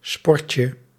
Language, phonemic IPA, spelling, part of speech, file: Dutch, /ˈspɔrcə/, sportje, noun, Nl-sportje.ogg
- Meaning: diminutive of sport